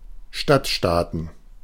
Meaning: plural of Stadtstaat
- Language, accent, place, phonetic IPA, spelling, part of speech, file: German, Germany, Berlin, [ˈʃtatˌʃtaːtn̩], Stadtstaaten, noun, De-Stadtstaaten.ogg